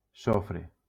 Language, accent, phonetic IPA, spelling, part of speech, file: Catalan, Valencia, [ˈso.fɾe], sofre, noun, LL-Q7026 (cat)-sofre.wav
- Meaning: sulfur